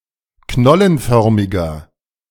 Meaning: inflection of knollenförmig: 1. strong/mixed nominative masculine singular 2. strong genitive/dative feminine singular 3. strong genitive plural
- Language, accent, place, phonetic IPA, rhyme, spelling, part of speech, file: German, Germany, Berlin, [ˈknɔlənˌfœʁmɪɡɐ], -ɔlənfœʁmɪɡɐ, knollenförmiger, adjective, De-knollenförmiger.ogg